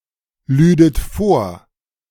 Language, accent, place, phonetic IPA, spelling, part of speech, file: German, Germany, Berlin, [ˌlyːdət ˈfoːɐ̯], lüdet vor, verb, De-lüdet vor.ogg
- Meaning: second-person plural subjunctive II of vorladen